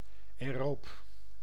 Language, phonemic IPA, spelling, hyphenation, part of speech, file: Dutch, /ɛːˈroːp/, aeroob, ae‧roob, adjective, Nl-aeroob.ogg
- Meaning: aerobic